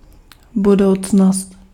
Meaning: future
- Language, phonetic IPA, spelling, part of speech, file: Czech, [ˈbudou̯t͡snost], budoucnost, noun, Cs-budoucnost.ogg